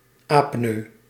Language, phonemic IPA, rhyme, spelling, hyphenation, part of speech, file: Dutch, /ɑpˈnøː/, -øː, apneu, ap‧neu, noun, Nl-apneu.ogg
- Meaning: an apnea